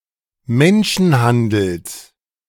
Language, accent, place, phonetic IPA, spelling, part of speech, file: German, Germany, Berlin, [ˈmɛnʃn̩ˌhandl̩s], Menschenhandels, noun, De-Menschenhandels.ogg
- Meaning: genitive of Menschenhandel